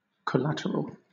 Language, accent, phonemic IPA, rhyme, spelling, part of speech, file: English, Southern England, /kəˈlætəɹəl/, -ætəɹəl, collateral, adjective / noun, LL-Q1860 (eng)-collateral.wav
- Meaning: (adjective) 1. Parallel, in the same vein, side by side 2. Corresponding; accompanying, concomitant 3. Being aside from the main subject, target, or goal